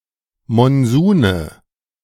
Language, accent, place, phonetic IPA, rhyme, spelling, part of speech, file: German, Germany, Berlin, [mɔnˈzuːnə], -uːnə, Monsune, noun, De-Monsune.ogg
- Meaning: nominative/accusative/genitive plural of Monsun